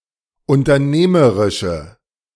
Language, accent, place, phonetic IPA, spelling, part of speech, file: German, Germany, Berlin, [ʊntɐˈneːməʁɪʃə], unternehmerische, adjective, De-unternehmerische.ogg
- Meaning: inflection of unternehmerisch: 1. strong/mixed nominative/accusative feminine singular 2. strong nominative/accusative plural 3. weak nominative all-gender singular